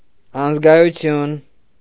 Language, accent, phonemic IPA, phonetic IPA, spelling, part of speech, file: Armenian, Eastern Armenian, /ɑnəzɡɑjuˈtʰjun/, [ɑnəzɡɑjut͡sʰjún], անզգայություն, noun, Hy-անզգայություն.ogg
- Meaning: numbness (having no feeling or feeling no emotions)